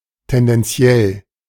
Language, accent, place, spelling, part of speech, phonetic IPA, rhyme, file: German, Germany, Berlin, tendenziell, adjective, [tɛndɛnˈt͡si̯ɛl], -ɛl, De-tendenziell.ogg
- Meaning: tendential